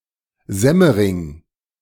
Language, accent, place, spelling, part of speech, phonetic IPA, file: German, Germany, Berlin, Semmering, proper noun, [ˈzɛməʁɪŋ], De-Semmering.ogg
- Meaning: 1. a municipality of Lower Austria, Austria 2. ellipsis of Semmering-Pass: a mountain pass between Lower Austria and s/Styria, Austria